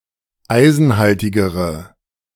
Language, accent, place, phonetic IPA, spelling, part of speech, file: German, Germany, Berlin, [ˈaɪ̯zn̩ˌhaltɪɡəʁə], eisenhaltigere, adjective, De-eisenhaltigere.ogg
- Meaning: inflection of eisenhaltig: 1. strong/mixed nominative/accusative feminine singular comparative degree 2. strong nominative/accusative plural comparative degree